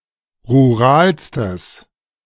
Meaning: strong/mixed nominative/accusative neuter singular superlative degree of rural
- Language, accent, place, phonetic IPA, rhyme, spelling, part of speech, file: German, Germany, Berlin, [ʁuˈʁaːlstəs], -aːlstəs, ruralstes, adjective, De-ruralstes.ogg